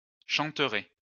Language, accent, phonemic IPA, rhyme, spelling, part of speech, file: French, France, /ʃɑ̃.tʁɛ/, -ɛ, chanterait, verb, LL-Q150 (fra)-chanterait.wav
- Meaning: third-person singular conditional of chanter